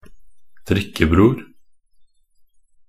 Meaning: a drinking buddy
- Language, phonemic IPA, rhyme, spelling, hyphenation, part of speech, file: Norwegian Bokmål, /ˈdrɪkːəbruːr/, -uːr, drikkebror, drik‧ke‧bror, noun, Nb-drikkebror.ogg